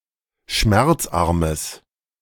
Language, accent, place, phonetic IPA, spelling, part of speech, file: German, Germany, Berlin, [ˈʃmɛʁt͡sˌʔaʁməs], schmerzarmes, adjective, De-schmerzarmes.ogg
- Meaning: strong/mixed nominative/accusative neuter singular of schmerzarm